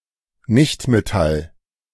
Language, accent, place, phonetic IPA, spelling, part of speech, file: German, Germany, Berlin, [ˈnɪçtmeˌtal], Nichtmetall, noun, De-Nichtmetall.ogg
- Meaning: nonmetal